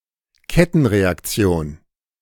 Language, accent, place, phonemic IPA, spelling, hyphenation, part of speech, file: German, Germany, Berlin, /ˈkɛtn̩ʁeakˌt͡si̯oːn/, Kettenreaktion, Ket‧ten‧re‧ak‧ti‧on, noun, De-Kettenreaktion.ogg
- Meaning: chain reaction